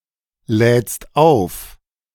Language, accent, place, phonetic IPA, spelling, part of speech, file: German, Germany, Berlin, [ˌlɛːt͡st ˈaʊ̯f], lädst auf, verb, De-lädst auf.ogg
- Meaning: second-person singular present of aufladen